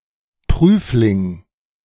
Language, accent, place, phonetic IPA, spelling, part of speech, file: German, Germany, Berlin, [ˈpʁyːflɪŋ], Prüfling, noun, De-Prüfling.ogg
- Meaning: 1. examinee 2. specimen